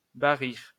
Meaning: to trumpet (to make the sound of an elephant's cry)
- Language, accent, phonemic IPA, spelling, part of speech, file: French, France, /ba.ʁiʁ/, barrir, verb, LL-Q150 (fra)-barrir.wav